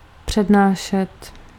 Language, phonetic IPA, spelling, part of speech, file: Czech, [ˈpr̝̊ɛdnaːʃɛt], přednášet, verb, Cs-přednášet.ogg
- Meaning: to lecture (to teach)